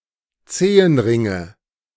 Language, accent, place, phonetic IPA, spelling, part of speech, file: German, Germany, Berlin, [ˈt͡seːənˌʁɪŋə], Zehenringe, noun, De-Zehenringe.ogg
- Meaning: nominative/accusative/genitive plural of Zehenring